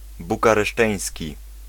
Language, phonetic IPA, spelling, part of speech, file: Polish, [ˌbukarɛˈʃtɛ̃j̃sʲci], bukareszteński, adjective, Pl-bukareszteński.ogg